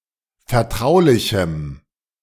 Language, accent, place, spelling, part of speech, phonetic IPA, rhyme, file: German, Germany, Berlin, vertraulichem, adjective, [fɛɐ̯ˈtʁaʊ̯lɪçm̩], -aʊ̯lɪçm̩, De-vertraulichem.ogg
- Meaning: strong dative masculine/neuter singular of vertraulich